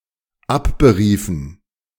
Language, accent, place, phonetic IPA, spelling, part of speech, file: German, Germany, Berlin, [ˈapbəˌʁiːfn̩], abberiefen, verb, De-abberiefen.ogg
- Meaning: inflection of abberufen: 1. first/third-person plural dependent preterite 2. first/third-person plural dependent subjunctive II